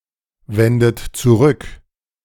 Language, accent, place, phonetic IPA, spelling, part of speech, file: German, Germany, Berlin, [ˌvɛndət t͡suˈʁʏk], wendet zurück, verb, De-wendet zurück.ogg
- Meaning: inflection of zurückwenden: 1. second-person plural present 2. third-person singular present 3. plural imperative